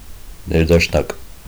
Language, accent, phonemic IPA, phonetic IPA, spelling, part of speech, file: Armenian, Eastern Armenian, /neɾdɑʃˈnɑk/, [neɾdɑʃnɑ́k], ներդաշնակ, adjective, Hy-ներդաշնակ.ogg
- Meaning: 1. harmonious, melodious, euphonic, dulcet 2. agreeable, pleasant, comfortable 3. compatible, concordant, in agreement